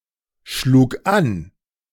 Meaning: first/third-person singular preterite of anschlagen
- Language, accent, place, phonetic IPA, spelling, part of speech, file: German, Germany, Berlin, [ˌʃluːk ˈan], schlug an, verb, De-schlug an.ogg